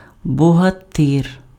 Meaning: 1. bogatyr, a medieval heroic warrior in Kievan Rus 2. strongly built man, hero
- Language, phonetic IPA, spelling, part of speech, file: Ukrainian, [bɔɦɐˈtɪr], богатир, noun, Uk-богатир.ogg